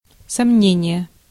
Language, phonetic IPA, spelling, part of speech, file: Russian, [sɐˈmnʲenʲɪje], сомнение, noun, Ru-сомнение.ogg
- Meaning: 1. doubt 2. question